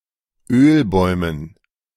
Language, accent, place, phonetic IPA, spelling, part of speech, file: German, Germany, Berlin, [ˈøːlˌbɔɪ̯mən], Ölbäumen, noun, De-Ölbäumen.ogg
- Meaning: dative plural of Ölbaum